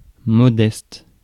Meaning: 1. modest, humble 2. modest, low
- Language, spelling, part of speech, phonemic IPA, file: French, modeste, adjective, /mɔ.dɛst/, Fr-modeste.ogg